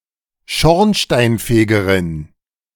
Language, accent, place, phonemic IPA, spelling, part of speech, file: German, Germany, Berlin, /ˈʃɔʁnʃtaɪnˌfeːɡɐʁɪn/, Schornsteinfegerin, noun, De-Schornsteinfegerin.ogg
- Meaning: female equivalent of Schornsteinfeger